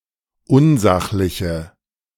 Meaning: inflection of unsachlich: 1. strong/mixed nominative/accusative feminine singular 2. strong nominative/accusative plural 3. weak nominative all-gender singular
- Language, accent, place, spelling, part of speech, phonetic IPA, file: German, Germany, Berlin, unsachliche, adjective, [ˈʊnˌzaxlɪçə], De-unsachliche.ogg